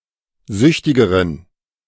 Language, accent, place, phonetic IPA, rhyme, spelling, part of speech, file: German, Germany, Berlin, [ˈzʏçtɪɡəʁən], -ʏçtɪɡəʁən, süchtigeren, adjective, De-süchtigeren.ogg
- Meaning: inflection of süchtig: 1. strong genitive masculine/neuter singular comparative degree 2. weak/mixed genitive/dative all-gender singular comparative degree